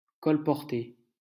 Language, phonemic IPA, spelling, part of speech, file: French, /kɔl.pɔʁ.te/, colporter, verb, LL-Q150 (fra)-colporter.wav
- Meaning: 1. to peddle; to hawk 2. to spread (gossip, accusation)